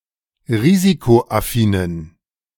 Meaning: inflection of risikoaffin: 1. strong genitive masculine/neuter singular 2. weak/mixed genitive/dative all-gender singular 3. strong/weak/mixed accusative masculine singular 4. strong dative plural
- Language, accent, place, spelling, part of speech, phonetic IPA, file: German, Germany, Berlin, risikoaffinen, adjective, [ˈʁiːzikoʔaˌfiːnən], De-risikoaffinen.ogg